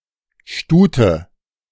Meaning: 1. mare (adult female horse) 2. mare (of other equids) or female of other animals (especially in compounds) 3. a young woman
- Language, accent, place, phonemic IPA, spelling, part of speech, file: German, Germany, Berlin, /ˈʃtuːtə/, Stute, noun, De-Stute.ogg